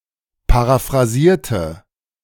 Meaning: inflection of paraphrasieren: 1. first/third-person singular preterite 2. first/third-person singular subjunctive II
- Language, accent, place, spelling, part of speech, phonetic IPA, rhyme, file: German, Germany, Berlin, paraphrasierte, adjective / verb, [paʁafʁaˈziːɐ̯tə], -iːɐ̯tə, De-paraphrasierte.ogg